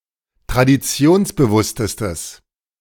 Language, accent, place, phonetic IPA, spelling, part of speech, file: German, Germany, Berlin, [tʁadiˈt͡si̯oːnsbəˌvʊstəstəs], traditionsbewusstestes, adjective, De-traditionsbewusstestes.ogg
- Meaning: strong/mixed nominative/accusative neuter singular superlative degree of traditionsbewusst